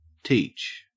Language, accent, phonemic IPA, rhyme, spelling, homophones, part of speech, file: English, Australia, /ˈtiːt͡ʃ/, -iːtʃ, Teach, teach, proper noun, En-au-Teach.ogg
- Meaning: 1. Nickname for a teacher 2. A surname. Most commonly associated with the pirate Blackbeard, who gave his real name as Edward Teach, Thatch, or Tack